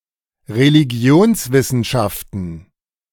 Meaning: plural of Religionswissenschaft
- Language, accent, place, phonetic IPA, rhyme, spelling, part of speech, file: German, Germany, Berlin, [ʁeliˈɡi̯oːnsˌvɪsn̩ʃaftn̩], -oːnsvɪsn̩ʃaftn̩, Religionswissenschaften, noun, De-Religionswissenschaften.ogg